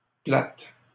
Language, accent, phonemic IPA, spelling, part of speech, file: French, Canada, /plat/, platte, adjective, LL-Q150 (fra)-platte.wav
- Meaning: alternative form of plate